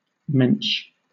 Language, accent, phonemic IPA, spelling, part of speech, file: English, Southern England, /mɛnt͡ʃ/, mensch, noun, LL-Q1860 (eng)-mensch.wav
- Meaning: A person of strength, integrity, and honor or compassion; a gentleman